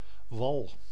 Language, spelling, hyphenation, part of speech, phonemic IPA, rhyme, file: Dutch, wal, wal, noun, /ʋɑl/, -ɑl, Nl-wal.ogg
- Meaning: 1. coast, shore (side of land near to the water) 2. earthen levee as protection against flooding 3. wall around city as military defense 4. periorbital dark circle 5. eyebag 6. whale